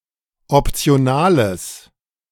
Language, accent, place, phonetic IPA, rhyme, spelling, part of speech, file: German, Germany, Berlin, [ɔpt͡si̯oˈnaːləs], -aːləs, optionales, adjective, De-optionales.ogg
- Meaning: strong/mixed nominative/accusative neuter singular of optional